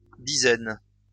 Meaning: plural of dizaine
- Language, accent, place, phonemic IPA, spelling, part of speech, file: French, France, Lyon, /di.zɛn/, dizaines, noun, LL-Q150 (fra)-dizaines.wav